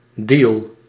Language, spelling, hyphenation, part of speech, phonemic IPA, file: Dutch, deal, deal, noun, /diːl/, Nl-deal.ogg
- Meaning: 1. deal, a transaction or arrangement 2. a deal, a bargain (a favourable transaction)